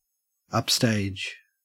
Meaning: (noun) The part of a stage that is farthest from the audience or camera; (adverb) 1. Toward or at the rear of a theatrical stage 2. Away from the audience or camera; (adjective) At the rear of a stage
- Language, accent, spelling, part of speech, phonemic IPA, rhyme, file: English, Australia, upstage, noun / adverb / adjective / verb, /ʌpˈsteɪd͡ʒ/, -eɪdʒ, En-au-upstage.ogg